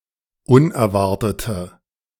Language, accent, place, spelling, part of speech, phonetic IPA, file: German, Germany, Berlin, unerwartete, adjective, [ˈʊnɛɐ̯ˌvaʁtətə], De-unerwartete.ogg
- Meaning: inflection of unerwartet: 1. strong/mixed nominative/accusative feminine singular 2. strong nominative/accusative plural 3. weak nominative all-gender singular